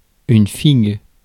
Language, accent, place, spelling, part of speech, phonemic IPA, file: French, France, Paris, figue, noun, /fiɡ/, Fr-figue.ogg
- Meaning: fig (fruit)